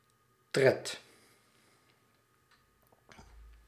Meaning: step
- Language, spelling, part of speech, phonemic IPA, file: Dutch, tred, noun, /trɛt/, Nl-tred.ogg